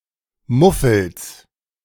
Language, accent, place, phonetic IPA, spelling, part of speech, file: German, Germany, Berlin, [ˈmʊfl̩s], Muffels, noun, De-Muffels.ogg
- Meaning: genitive singular of Muffel